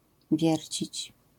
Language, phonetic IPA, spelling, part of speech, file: Polish, [ˈvʲjɛrʲt͡ɕit͡ɕ], wiercić, verb, LL-Q809 (pol)-wiercić.wav